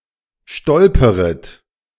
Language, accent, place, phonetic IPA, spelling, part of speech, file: German, Germany, Berlin, [ˈʃtɔlpəʁət], stolperet, verb, De-stolperet.ogg
- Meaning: second-person plural subjunctive I of stolpern